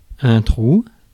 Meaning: 1. hole 2. blank (memory) 3. pause in conversation
- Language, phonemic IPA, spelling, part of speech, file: French, /tʁu/, trou, noun, Fr-trou.ogg